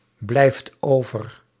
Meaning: inflection of overblijven: 1. second/third-person singular present indicative 2. plural imperative
- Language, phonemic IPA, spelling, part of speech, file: Dutch, /ˈblɛift ˈovər/, blijft over, verb, Nl-blijft over.ogg